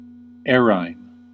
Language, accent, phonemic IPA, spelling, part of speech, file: English, US, /ˈɛɹ.aɪn/, errhine, adjective / noun, En-us-errhine.ogg
- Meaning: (adjective) Causing an increase in mucus within the nose, and hence causing one to sneeze; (noun) A medicine applied inside the nose to increase the production of mucus, and hence sneezing